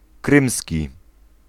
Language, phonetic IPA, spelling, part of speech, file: Polish, [ˈkrɨ̃msʲci], krymski, adjective, Pl-krymski.ogg